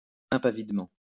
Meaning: fearlessly
- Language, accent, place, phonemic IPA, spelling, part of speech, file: French, France, Lyon, /ɛ̃.pa.vid.mɑ̃/, impavidement, adverb, LL-Q150 (fra)-impavidement.wav